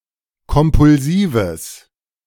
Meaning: strong/mixed nominative/accusative neuter singular of kompulsiv
- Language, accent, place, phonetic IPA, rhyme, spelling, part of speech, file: German, Germany, Berlin, [kɔmpʊlˈziːvəs], -iːvəs, kompulsives, adjective, De-kompulsives.ogg